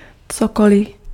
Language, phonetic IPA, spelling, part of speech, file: Czech, [ˈt͡sokolɪ], cokoli, pronoun, Cs-cokoli.ogg
- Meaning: whatever (anything)